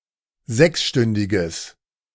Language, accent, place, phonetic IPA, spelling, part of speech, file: German, Germany, Berlin, [ˈzɛksˌʃtʏndɪɡəs], sechsstündiges, adjective, De-sechsstündiges.ogg
- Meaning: strong/mixed nominative/accusative neuter singular of sechsstündig